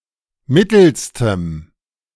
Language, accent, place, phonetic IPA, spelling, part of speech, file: German, Germany, Berlin, [ˈmɪtl̩stəm], mittelstem, adjective, De-mittelstem.ogg
- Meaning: strong dative masculine/neuter singular superlative degree of mittel